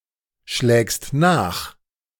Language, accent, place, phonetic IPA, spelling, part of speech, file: German, Germany, Berlin, [ˌʃlɛːkst ˈnaːx], schlägst nach, verb, De-schlägst nach.ogg
- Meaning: second-person singular present of nachschlagen